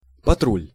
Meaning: patrol
- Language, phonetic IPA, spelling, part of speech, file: Russian, [pɐˈtrulʲ], патруль, noun, Ru-патруль.ogg